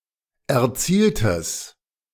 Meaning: strong/mixed nominative/accusative neuter singular of erzielt
- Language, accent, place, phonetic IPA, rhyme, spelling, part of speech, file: German, Germany, Berlin, [ɛɐ̯ˈt͡siːltəs], -iːltəs, erzieltes, adjective, De-erzieltes.ogg